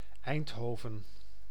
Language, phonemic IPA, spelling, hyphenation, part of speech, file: Dutch, /ˈɛi̯ntˌɦoː.və(n)/, Eindhoven, Eind‧ho‧ven, proper noun, Nl-Eindhoven.ogg
- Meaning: Eindhoven (a city and municipality of North Brabant, Netherlands)